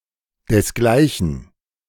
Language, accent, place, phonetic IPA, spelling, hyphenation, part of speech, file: German, Germany, Berlin, [dɛsˈɡlaɪ̯çn̩], desgleichen, des‧glei‧chen, adverb / pronoun, De-desgleichen.ogg
- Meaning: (adverb) likewise; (pronoun) dated form of dergleichen